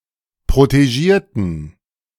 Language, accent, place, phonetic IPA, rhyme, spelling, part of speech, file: German, Germany, Berlin, [pʁoteˈʒiːɐ̯tn̩], -iːɐ̯tn̩, protegierten, adjective / verb, De-protegierten.ogg
- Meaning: inflection of protegieren: 1. first/third-person plural preterite 2. first/third-person plural subjunctive II